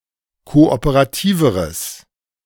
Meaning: strong/mixed nominative/accusative neuter singular comparative degree of kooperativ
- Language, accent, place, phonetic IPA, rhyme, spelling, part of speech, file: German, Germany, Berlin, [ˌkoʔopəʁaˈtiːvəʁəs], -iːvəʁəs, kooperativeres, adjective, De-kooperativeres.ogg